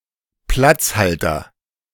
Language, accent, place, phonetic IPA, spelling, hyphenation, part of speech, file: German, Germany, Berlin, [ˈplat͡sˌhaltɐ], Platzhalter, Platz‧hal‧ter, noun, De-Platzhalter.ogg
- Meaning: 1. placeholder 2. wildcard